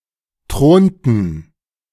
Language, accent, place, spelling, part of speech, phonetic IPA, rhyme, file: German, Germany, Berlin, thronten, verb, [ˈtʁoːntn̩], -oːntn̩, De-thronten.ogg
- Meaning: inflection of thronen: 1. first/third-person plural preterite 2. first/third-person plural subjunctive II